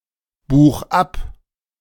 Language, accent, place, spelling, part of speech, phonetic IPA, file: German, Germany, Berlin, buch ab, verb, [ˌbuːx ˈap], De-buch ab.ogg
- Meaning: 1. singular imperative of abbuchen 2. first-person singular present of abbuchen